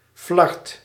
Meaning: 1. bit, piece 2. shred, tatter
- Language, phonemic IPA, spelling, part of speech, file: Dutch, /flɑrt/, flard, noun, Nl-flard.ogg